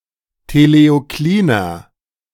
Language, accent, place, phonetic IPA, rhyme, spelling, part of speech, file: German, Germany, Berlin, [teleoˈkliːnɐ], -iːnɐ, teleokliner, adjective, De-teleokliner.ogg
- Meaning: inflection of teleoklin: 1. strong/mixed nominative masculine singular 2. strong genitive/dative feminine singular 3. strong genitive plural